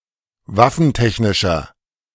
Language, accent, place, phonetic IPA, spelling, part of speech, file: German, Germany, Berlin, [ˈvafn̩ˌtɛçnɪʃɐ], waffentechnischer, adjective, De-waffentechnischer.ogg
- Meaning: inflection of waffentechnisch: 1. strong/mixed nominative masculine singular 2. strong genitive/dative feminine singular 3. strong genitive plural